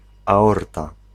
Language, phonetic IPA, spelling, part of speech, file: Polish, [aˈɔrta], aorta, noun, Pl-aorta.ogg